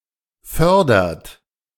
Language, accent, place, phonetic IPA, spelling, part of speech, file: German, Germany, Berlin, [ˈfœʁdɐt], fördert, verb, De-fördert.ogg
- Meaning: inflection of fördern: 1. third-person singular present 2. second-person plural present 3. plural imperative